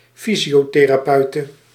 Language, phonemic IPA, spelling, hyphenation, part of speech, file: Dutch, /ˈfi.zi.oː.teː.raːˌpœy̯.tə/, fysiotherapeute, fy‧sio‧the‧ra‧peu‧te, noun, Nl-fysiotherapeute.ogg
- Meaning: female physiotherapist